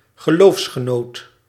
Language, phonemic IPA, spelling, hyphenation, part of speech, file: Dutch, /ɣəˈloːfs.xəˌnoːt/, geloofsgenoot, ge‧loofs‧ge‧noot, noun, Nl-geloofsgenoot.ogg
- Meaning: co-religionist, someone of the same religion